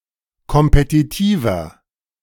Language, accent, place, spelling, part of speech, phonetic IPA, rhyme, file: German, Germany, Berlin, kompetitiver, adjective, [kɔmpetiˈtiːvɐ], -iːvɐ, De-kompetitiver.ogg
- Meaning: 1. comparative degree of kompetitiv 2. inflection of kompetitiv: strong/mixed nominative masculine singular 3. inflection of kompetitiv: strong genitive/dative feminine singular